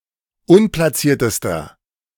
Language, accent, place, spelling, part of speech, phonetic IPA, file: German, Germany, Berlin, unplatziertester, adjective, [ˈʊnplaˌt͡siːɐ̯təstɐ], De-unplatziertester.ogg
- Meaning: inflection of unplatziert: 1. strong/mixed nominative masculine singular superlative degree 2. strong genitive/dative feminine singular superlative degree 3. strong genitive plural superlative degree